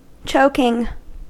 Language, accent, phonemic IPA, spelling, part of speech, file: English, US, /ˈt͡ʃoʊkɪŋ/, choking, noun / verb, En-us-choking.ogg
- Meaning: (noun) 1. The process in which a person's airway becomes blocked, resulting in asphyxia in cases that are not treated promptly 2. The act of coughing when a person finds it difficult to breathe